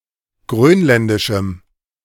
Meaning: strong dative masculine/neuter singular of grönländisch
- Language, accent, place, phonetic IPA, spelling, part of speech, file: German, Germany, Berlin, [ˈɡʁøːnˌlɛndɪʃm̩], grönländischem, adjective, De-grönländischem.ogg